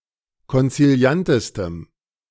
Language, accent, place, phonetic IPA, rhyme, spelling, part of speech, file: German, Germany, Berlin, [kɔnt͡siˈli̯antəstəm], -antəstəm, konziliantestem, adjective, De-konziliantestem.ogg
- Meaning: strong dative masculine/neuter singular superlative degree of konziliant